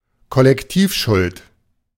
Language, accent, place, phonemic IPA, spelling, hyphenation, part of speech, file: German, Germany, Berlin, /kɔlɛkˈtiːfˌʃʊlt/, Kollektivschuld, Kol‧lek‧tiv‧schuld, noun, De-Kollektivschuld.ogg
- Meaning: collective guilt